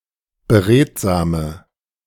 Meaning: inflection of beredsam: 1. strong/mixed nominative/accusative feminine singular 2. strong nominative/accusative plural 3. weak nominative all-gender singular
- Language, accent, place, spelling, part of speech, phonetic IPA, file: German, Germany, Berlin, beredsame, adjective, [bəˈʁeːtzaːmə], De-beredsame.ogg